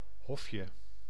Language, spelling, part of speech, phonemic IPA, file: Dutch, hofje, noun, /ˈhɔfjə/, Nl-hofje.ogg
- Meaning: diminutive of hof